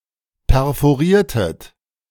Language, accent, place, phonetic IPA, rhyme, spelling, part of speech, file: German, Germany, Berlin, [pɛʁfoˈʁiːɐ̯tət], -iːɐ̯tət, perforiertet, verb, De-perforiertet.ogg
- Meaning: inflection of perforieren: 1. second-person plural preterite 2. second-person plural subjunctive II